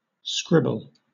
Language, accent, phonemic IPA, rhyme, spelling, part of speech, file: English, Southern England, /ˈskɹɪbəl/, -ɪbəl, scribble, verb / noun, LL-Q1860 (eng)-scribble.wav
- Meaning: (verb) 1. To write or draw carelessly and in a hurry 2. To doodle 3. To write badly; to work as an inferior author or journalist; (noun) Careless, hasty writing, doodle or drawing